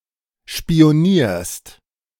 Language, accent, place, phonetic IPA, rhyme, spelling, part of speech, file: German, Germany, Berlin, [ʃpi̯oˈniːɐ̯st], -iːɐ̯st, spionierst, verb, De-spionierst.ogg
- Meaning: second-person singular present of spionieren